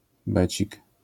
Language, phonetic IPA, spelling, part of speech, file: Polish, [ˈbɛt͡ɕik], becik, noun, LL-Q809 (pol)-becik.wav